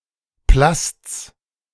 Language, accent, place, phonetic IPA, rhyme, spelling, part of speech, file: German, Germany, Berlin, [plast͡s], -ast͡s, Plasts, noun, De-Plasts.ogg
- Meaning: genitive singular of Plast